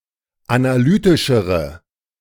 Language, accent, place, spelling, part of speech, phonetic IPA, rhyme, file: German, Germany, Berlin, analytischere, adjective, [anaˈlyːtɪʃəʁə], -yːtɪʃəʁə, De-analytischere.ogg
- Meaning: inflection of analytisch: 1. strong/mixed nominative/accusative feminine singular comparative degree 2. strong nominative/accusative plural comparative degree